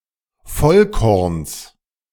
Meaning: genitive singular of Vollkorn
- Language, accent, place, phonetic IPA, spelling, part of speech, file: German, Germany, Berlin, [ˈfɔlˌkɔʁns], Vollkorns, noun, De-Vollkorns.ogg